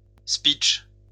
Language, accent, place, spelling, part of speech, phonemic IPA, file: French, France, Lyon, speech, noun, /spitʃ/, LL-Q150 (fra)-speech.wav
- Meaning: an informal speech